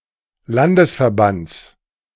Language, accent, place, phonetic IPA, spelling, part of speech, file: German, Germany, Berlin, [ˈlandəsfɛɐ̯ˌbant͡s], Landesverbands, noun, De-Landesverbands.ogg
- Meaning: genitive singular of Landesverband